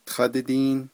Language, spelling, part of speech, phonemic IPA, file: Navajo, tádídíín, noun, /tʰɑ́tɪ́tíːn/, Nv-tádídíín.ogg
- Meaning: corn pollen